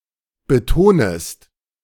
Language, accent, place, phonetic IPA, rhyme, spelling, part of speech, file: German, Germany, Berlin, [bəˈtoːnəst], -oːnəst, betonest, verb, De-betonest.ogg
- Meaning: second-person singular subjunctive I of betonen